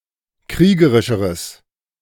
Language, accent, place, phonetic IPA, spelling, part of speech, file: German, Germany, Berlin, [ˈkʁiːɡəʁɪʃəʁəs], kriegerischeres, adjective, De-kriegerischeres.ogg
- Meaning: strong/mixed nominative/accusative neuter singular comparative degree of kriegerisch